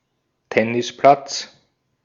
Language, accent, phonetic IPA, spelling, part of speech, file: German, Austria, [ˈtɛnɪsˌplats], Tennisplatz, noun, De-at-Tennisplatz.ogg
- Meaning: tennis court